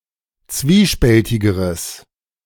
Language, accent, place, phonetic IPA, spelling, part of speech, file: German, Germany, Berlin, [ˈt͡sviːˌʃpɛltɪɡəʁəs], zwiespältigeres, adjective, De-zwiespältigeres.ogg
- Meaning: strong/mixed nominative/accusative neuter singular comparative degree of zwiespältig